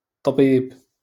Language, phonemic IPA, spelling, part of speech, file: Moroccan Arabic, /tˤbiːb/, طبيب, noun, LL-Q56426 (ary)-طبيب.wav
- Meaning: doctor, physician